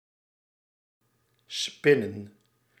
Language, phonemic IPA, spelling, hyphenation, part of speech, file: Dutch, /ˈspɪ.nə(n)/, spinnen, spin‧nen, verb / noun, Nl-spinnen.ogg
- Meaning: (verb) 1. to spin: make yarn by twisting and winding fibres together 2. to purr 3. to tell stories, fib, lie 4. to whirr; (noun) plural of spin